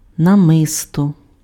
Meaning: necklace
- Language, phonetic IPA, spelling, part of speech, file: Ukrainian, [nɐˈmɪstɔ], намисто, noun, Uk-намисто.ogg